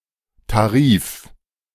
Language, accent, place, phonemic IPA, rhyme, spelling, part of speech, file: German, Germany, Berlin, /taˈʁiːf/, -iːf, Tarif, noun, De-Tarif.ogg
- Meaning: 1. fee, price, rate 2. tariff, plan